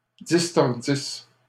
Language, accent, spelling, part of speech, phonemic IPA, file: French, Canada, distordisse, verb, /dis.tɔʁ.dis/, LL-Q150 (fra)-distordisse.wav
- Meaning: first-person singular imperfect subjunctive of distordre